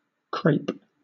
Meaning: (noun) 1. Alternative form of crepe (“a thin fabric, paper, or pancake”) 2. Mourning garments, especially an armband or hatband; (verb) 1. To form into ringlets; to curl or crimp 2. To clothe in crape
- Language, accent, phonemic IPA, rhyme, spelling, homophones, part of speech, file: English, Southern England, /kɹeɪp/, -eɪp, crape, crepe / crêpe, noun / verb, LL-Q1860 (eng)-crape.wav